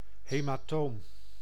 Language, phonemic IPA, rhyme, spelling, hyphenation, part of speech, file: Dutch, /ˌɦeː.maːˈtoːm/, -oːm, hematoom, he‧ma‧toom, noun, Nl-hematoom.ogg
- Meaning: hematoma